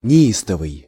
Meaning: furious, violent, frantic
- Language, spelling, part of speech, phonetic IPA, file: Russian, неистовый, adjective, [nʲɪˈistəvɨj], Ru-неистовый.ogg